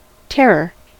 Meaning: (noun) 1. Intense dread, fright, or fear 2. The action or quality of causing dread; terribleness, especially such qualities in narrative fiction 3. Something or someone that causes such fear
- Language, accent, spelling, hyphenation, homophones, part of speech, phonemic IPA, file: English, US, terror, ter‧ror, terra / tare, noun / adjective, /ˈtɛɹɚ/, En-us-terror.ogg